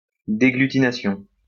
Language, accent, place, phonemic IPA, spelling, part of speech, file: French, France, Lyon, /de.ɡly.ti.na.sjɔ̃/, déglutination, noun, LL-Q150 (fra)-déglutination.wav
- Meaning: 1. swallowing 2. deglutination 3. detachment